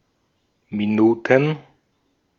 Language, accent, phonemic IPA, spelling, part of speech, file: German, Austria, /miˈnuːtn̩/, Minuten, noun, De-at-Minuten.ogg
- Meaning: plural of Minute